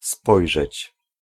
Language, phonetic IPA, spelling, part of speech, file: Polish, [ˈspɔjʒɛt͡ɕ], spojrzeć, verb, Pl-spojrzeć.ogg